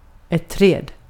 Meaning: 1. a tree 2. a tree (plant reminiscent of but strictly not a tree in the botanical sense)
- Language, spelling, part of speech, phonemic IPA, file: Swedish, träd, noun, /trɛː(d)/, Sv-träd.ogg